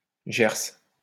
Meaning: inflection of gercer: 1. first/third-person singular present indicative/subjunctive 2. second-person singular imperative
- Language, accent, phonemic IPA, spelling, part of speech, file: French, France, /ʒɛʁs/, gerce, verb, LL-Q150 (fra)-gerce.wav